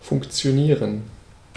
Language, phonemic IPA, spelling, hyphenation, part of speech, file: German, /ˌfʊŋ(k)tsjoˈniːrən/, funktionieren, funk‧ti‧o‧nie‧ren, verb, De-funktionieren.ogg
- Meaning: 1. to work, function 2. to work, work out